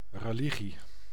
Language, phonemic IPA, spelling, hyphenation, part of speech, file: Dutch, /rəˈliɣi/, religie, re‧li‧gie, noun, Nl-religie.ogg
- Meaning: 1. faith, religion, a system of beliefs dealing with soul, deity and/or life after death 2. religious denomination, such as an organized church 3. something one adheres to devotedly